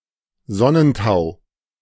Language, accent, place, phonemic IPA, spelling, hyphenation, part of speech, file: German, Germany, Berlin, /ˈzɔnənˌtaʊ̯/, Sonnentau, Son‧nen‧tau, noun, De-Sonnentau.ogg
- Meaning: sundew (group of insectivorous plants)